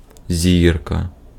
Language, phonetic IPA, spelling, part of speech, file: Ukrainian, [ˈzʲirkɐ], зірка, noun, Uk-зірка.ogg
- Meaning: 1. star 2. star (celebrity) 3. a traditional star-like decoration used in Ukraine on Christmas